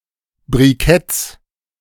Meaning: plural of Brikett
- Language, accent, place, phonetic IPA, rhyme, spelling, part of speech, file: German, Germany, Berlin, [bʁiˈkɛt͡s], -ɛt͡s, Briketts, noun, De-Briketts.ogg